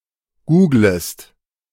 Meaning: second-person singular subjunctive I of googeln
- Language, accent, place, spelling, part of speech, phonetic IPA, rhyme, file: German, Germany, Berlin, googlest, verb, [ˈɡuːɡləst], -uːɡləst, De-googlest.ogg